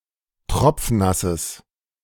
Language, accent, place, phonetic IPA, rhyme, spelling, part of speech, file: German, Germany, Berlin, [ˈtʁɔp͡fˈnasəs], -asəs, tropfnasses, adjective, De-tropfnasses.ogg
- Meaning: strong/mixed nominative/accusative neuter singular of tropfnass